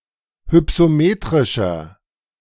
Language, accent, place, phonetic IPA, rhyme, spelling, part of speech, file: German, Germany, Berlin, [hʏpsoˈmeːtʁɪʃɐ], -eːtʁɪʃɐ, hypsometrischer, adjective, De-hypsometrischer.ogg
- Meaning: inflection of hypsometrisch: 1. strong/mixed nominative masculine singular 2. strong genitive/dative feminine singular 3. strong genitive plural